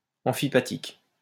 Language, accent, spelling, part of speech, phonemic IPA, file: French, France, amphipathique, adjective, /ɑ̃.fi.pa.tik/, LL-Q150 (fra)-amphipathique.wav
- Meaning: amphipathic